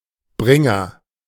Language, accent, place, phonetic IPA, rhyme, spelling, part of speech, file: German, Germany, Berlin, [ˈbʁɪŋɐ], -ɪŋɐ, Bringer, noun, De-Bringer.ogg
- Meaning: 1. bringer, bearer 2. hit, success